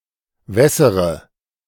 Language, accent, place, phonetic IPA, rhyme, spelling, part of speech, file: German, Germany, Berlin, [ˈvɛsəʁə], -ɛsəʁə, wässere, verb, De-wässere.ogg
- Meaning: inflection of wässern: 1. first-person singular present 2. first/third-person singular subjunctive I 3. singular imperative